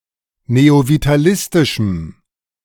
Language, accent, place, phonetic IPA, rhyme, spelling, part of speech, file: German, Germany, Berlin, [neovitaˈlɪstɪʃm̩], -ɪstɪʃm̩, neovitalistischem, adjective, De-neovitalistischem.ogg
- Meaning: strong dative masculine/neuter singular of neovitalistisch